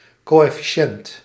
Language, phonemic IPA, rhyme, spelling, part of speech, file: Dutch, /ˌkoː.ɛ.fiˈʃɛnt/, -ɛnt, coëfficiënt, noun, Nl-coëfficiënt.ogg
- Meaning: coefficient (algebraic constant)